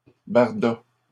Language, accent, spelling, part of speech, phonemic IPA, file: French, Canada, barda, noun / verb, /baʁ.da/, LL-Q150 (fra)-barda.wav
- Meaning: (noun) 1. gear 2. luggage, loading 3. mess, jumble; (verb) third-person singular past historic of barder